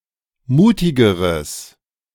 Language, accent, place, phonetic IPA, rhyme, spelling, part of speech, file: German, Germany, Berlin, [ˈmuːtɪɡəʁəs], -uːtɪɡəʁəs, mutigeres, adjective, De-mutigeres.ogg
- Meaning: strong/mixed nominative/accusative neuter singular comparative degree of mutig